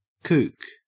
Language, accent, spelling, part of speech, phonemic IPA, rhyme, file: English, Australia, kook, noun, /kuːk/, -uːk, En-au-kook.ogg
- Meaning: 1. An eccentric, strange or crazy person 2. A boardsport participant who lacks style or skill; a newbie who acts as if they are better at the sport than they are